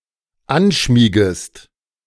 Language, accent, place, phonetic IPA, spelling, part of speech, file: German, Germany, Berlin, [ˈanˌʃmiːɡəst], anschmiegest, verb, De-anschmiegest.ogg
- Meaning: second-person singular dependent subjunctive I of anschmiegen